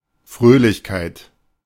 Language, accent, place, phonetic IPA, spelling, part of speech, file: German, Germany, Berlin, [ˈfʁøːlɪçkaɪ̯t], Fröhlichkeit, noun, De-Fröhlichkeit.ogg
- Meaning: joy, glee